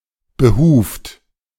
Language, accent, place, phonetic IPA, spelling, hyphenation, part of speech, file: German, Germany, Berlin, [bəˈhuːft], behuft, be‧huft, verb / adjective, De-behuft.ogg
- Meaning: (verb) past participle of behufen; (adjective) hoofed, ungulate